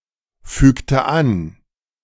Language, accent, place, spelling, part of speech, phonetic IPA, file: German, Germany, Berlin, fügte an, verb, [ˌfyːktə ˈan], De-fügte an.ogg
- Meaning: inflection of anfügen: 1. first/third-person singular preterite 2. first/third-person singular subjunctive II